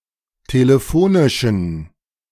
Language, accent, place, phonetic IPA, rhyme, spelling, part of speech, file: German, Germany, Berlin, [teləˈfoːnɪʃn̩], -oːnɪʃn̩, telefonischen, adjective, De-telefonischen.ogg
- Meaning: inflection of telefonisch: 1. strong genitive masculine/neuter singular 2. weak/mixed genitive/dative all-gender singular 3. strong/weak/mixed accusative masculine singular 4. strong dative plural